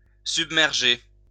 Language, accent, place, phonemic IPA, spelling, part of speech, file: French, France, Lyon, /syb.mɛʁ.ʒe/, submerger, verb, LL-Q150 (fra)-submerger.wav
- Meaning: 1. to submerge 2. to engulf in or with something